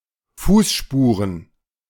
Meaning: plural of Fußspur
- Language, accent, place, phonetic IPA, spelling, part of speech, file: German, Germany, Berlin, [ˈfuːsˌʃpuːʁən], Fußspuren, noun, De-Fußspuren.ogg